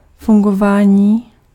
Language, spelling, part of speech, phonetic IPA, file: Czech, fungování, noun, [ˈfuŋɡovaːɲiː], Cs-fungování.ogg
- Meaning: functioning